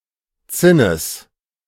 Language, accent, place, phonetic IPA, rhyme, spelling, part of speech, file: German, Germany, Berlin, [ˈt͡sɪnəs], -ɪnəs, Zinnes, noun, De-Zinnes.ogg
- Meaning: genitive singular of Zinn